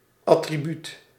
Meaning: 1. attribute (object typically associated with someone, a certain function or something) 2. attribute
- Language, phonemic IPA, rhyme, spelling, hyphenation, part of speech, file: Dutch, /ˌɑ.triˈbyt/, -yt, attribuut, at‧tri‧buut, noun, Nl-attribuut.ogg